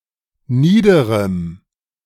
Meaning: strong dative masculine/neuter singular of nieder
- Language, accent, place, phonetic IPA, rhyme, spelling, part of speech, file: German, Germany, Berlin, [ˈniːdəʁəm], -iːdəʁəm, niederem, adjective, De-niederem.ogg